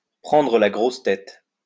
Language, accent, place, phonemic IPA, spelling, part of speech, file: French, France, Lyon, /pʁɑ̃.dʁə la ɡʁɔs tɛt/, prendre la grosse tête, verb, LL-Q150 (fra)-prendre la grosse tête.wav
- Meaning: to get a big head, to become big-headed